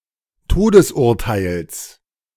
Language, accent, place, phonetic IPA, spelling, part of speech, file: German, Germany, Berlin, [ˈtoːdəsˌʔʊʁtaɪ̯ls], Todesurteils, noun, De-Todesurteils.ogg
- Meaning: genitive singular of Todesurteil